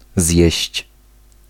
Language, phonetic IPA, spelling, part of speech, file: Polish, [zʲjɛ̇ɕt͡ɕ], zjeść, verb, Pl-zjeść.ogg